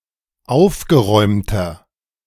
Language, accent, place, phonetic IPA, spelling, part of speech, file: German, Germany, Berlin, [ˈaʊ̯fɡəˌʁɔɪ̯mtɐ], aufgeräumter, adjective, De-aufgeräumter.ogg
- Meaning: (adjective) 1. comparative degree of aufgeräumt 2. inflection of aufgeräumt: strong/mixed nominative masculine singular 3. inflection of aufgeräumt: strong genitive/dative feminine singular